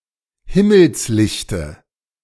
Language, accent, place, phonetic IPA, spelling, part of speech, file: German, Germany, Berlin, [ˈhɪməlsˌlɪçtə], Himmelslichte, noun, De-Himmelslichte.ogg
- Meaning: dative singular of Himmelslicht